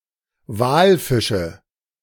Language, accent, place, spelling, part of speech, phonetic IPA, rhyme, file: German, Germany, Berlin, Walfische, noun, [ˈvaːlˌfɪʃə], -aːlfɪʃə, De-Walfische.ogg
- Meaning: nominative/accusative/genitive plural of Walfisch